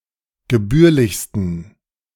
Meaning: 1. superlative degree of gebührlich 2. inflection of gebührlich: strong genitive masculine/neuter singular superlative degree
- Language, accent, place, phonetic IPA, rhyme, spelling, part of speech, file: German, Germany, Berlin, [ɡəˈbyːɐ̯lɪçstn̩], -yːɐ̯lɪçstn̩, gebührlichsten, adjective, De-gebührlichsten.ogg